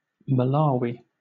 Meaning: A country in Southern Africa. Official name: Republic of Malawi
- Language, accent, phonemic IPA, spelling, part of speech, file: English, Southern England, /məˈlɑːwi/, Malawi, proper noun, LL-Q1860 (eng)-Malawi.wav